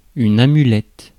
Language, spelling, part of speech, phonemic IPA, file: French, amulette, noun, /a.my.lɛt/, Fr-amulette.ogg
- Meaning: amulet (object intended to bring protection to its owner)